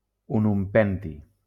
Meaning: ununpentium
- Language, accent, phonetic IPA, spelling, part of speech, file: Catalan, Valencia, [u.numˈpɛn.ti], ununpenti, noun, LL-Q7026 (cat)-ununpenti.wav